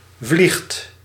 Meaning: inflection of vliegen: 1. second/third-person singular present indicative 2. plural imperative
- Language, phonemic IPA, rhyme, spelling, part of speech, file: Dutch, /vlixt/, -ixt, vliegt, verb, Nl-vliegt.ogg